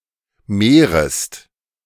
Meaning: second-person singular subjunctive I of mehren
- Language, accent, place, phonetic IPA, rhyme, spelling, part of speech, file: German, Germany, Berlin, [ˈmeːʁəst], -eːʁəst, mehrest, verb, De-mehrest.ogg